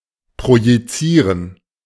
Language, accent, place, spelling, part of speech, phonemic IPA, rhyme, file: German, Germany, Berlin, projizieren, verb, /pʁojiˈtsiːʁən/, -iːʁən, De-projizieren.ogg
- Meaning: to project (cast (image/shadow))